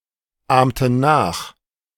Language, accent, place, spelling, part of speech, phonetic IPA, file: German, Germany, Berlin, ahmten nach, verb, [ˌaːmtn̩ ˈnaːx], De-ahmten nach.ogg
- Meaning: inflection of nachahmen: 1. first/third-person plural preterite 2. first/third-person plural subjunctive II